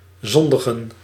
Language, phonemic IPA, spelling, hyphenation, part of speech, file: Dutch, /ˈzɔn.də.ɣə(n)/, zondigen, zon‧di‧gen, verb, Nl-zondigen.ogg
- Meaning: to sin, to commit sin